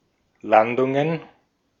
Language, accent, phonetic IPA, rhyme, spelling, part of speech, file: German, Austria, [ˈlandʊŋən], -andʊŋən, Landungen, noun, De-at-Landungen.ogg
- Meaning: plural of Landung